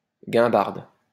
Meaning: 1. Jew's harp 2. banger (UK), old car
- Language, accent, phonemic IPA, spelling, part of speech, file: French, France, /ɡɛ̃.baʁd/, guimbarde, noun, LL-Q150 (fra)-guimbarde.wav